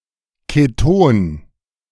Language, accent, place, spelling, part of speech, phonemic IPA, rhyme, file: German, Germany, Berlin, Keton, noun, /keˈtoːn/, -oːn, De-Keton.ogg
- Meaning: ketone